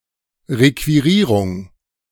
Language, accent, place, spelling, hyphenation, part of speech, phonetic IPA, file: German, Germany, Berlin, Requirierung, Re‧qui‧rie‧rung, noun, [ˌʁekviˈʁiːʁʊŋ], De-Requirierung.ogg
- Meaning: commandeering, requisition, seizure